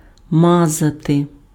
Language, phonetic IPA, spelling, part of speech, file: Ukrainian, [ˈmazɐte], мазати, verb, Uk-мазати.ogg
- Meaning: to smear, to spread